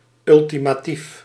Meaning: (adjective) characteristic of or pertaining to an ultimatum; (adverb) ultimately, in the end
- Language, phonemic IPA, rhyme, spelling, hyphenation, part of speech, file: Dutch, /ˌʏl.ti.maːˈtif/, -if, ultimatief, ul‧ti‧ma‧tief, adjective / adverb, Nl-ultimatief.ogg